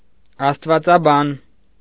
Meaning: theologian
- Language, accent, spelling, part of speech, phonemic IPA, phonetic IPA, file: Armenian, Eastern Armenian, աստվածաբան, noun, /ɑstvɑt͡sɑˈbɑn/, [ɑstvɑt͡sɑbɑ́n], Hy-աստվածաբան.ogg